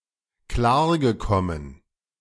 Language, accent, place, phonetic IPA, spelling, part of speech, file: German, Germany, Berlin, [ˈklaːɐ̯ɡəˌkɔmən], klargekommen, verb, De-klargekommen.ogg
- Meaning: past participle of klarkommen